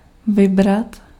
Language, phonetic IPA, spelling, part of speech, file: Czech, [ˈvɪbrat], vybrat, verb, Cs-vybrat.ogg
- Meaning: to select, to choose